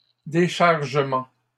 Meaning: plural of déchargement
- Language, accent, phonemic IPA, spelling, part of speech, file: French, Canada, /de.ʃaʁ.ʒə.mɑ̃/, déchargements, noun, LL-Q150 (fra)-déchargements.wav